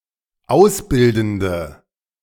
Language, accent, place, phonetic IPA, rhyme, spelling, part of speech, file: German, Germany, Berlin, [ˈaʊ̯sˌbɪldn̩də], -aʊ̯sbɪldn̩də, ausbildende, adjective, De-ausbildende.ogg
- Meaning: inflection of ausbildend: 1. strong/mixed nominative/accusative feminine singular 2. strong nominative/accusative plural 3. weak nominative all-gender singular